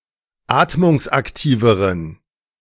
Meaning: inflection of atmungsaktiv: 1. strong genitive masculine/neuter singular comparative degree 2. weak/mixed genitive/dative all-gender singular comparative degree
- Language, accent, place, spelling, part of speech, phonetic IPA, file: German, Germany, Berlin, atmungsaktiveren, adjective, [ˈaːtmʊŋsʔakˌtiːvəʁən], De-atmungsaktiveren.ogg